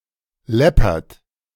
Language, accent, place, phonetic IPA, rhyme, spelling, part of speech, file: German, Germany, Berlin, [ˈlɛpɐt], -ɛpɐt, läppert, verb, De-läppert.ogg
- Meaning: inflection of läppern: 1. second-person plural present 2. third-person singular present 3. plural imperative